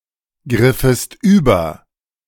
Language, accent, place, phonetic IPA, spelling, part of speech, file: German, Germany, Berlin, [ˌɡʁɪfəst ˈyːbɐ], griffest über, verb, De-griffest über.ogg
- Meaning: second-person singular subjunctive II of übergreifen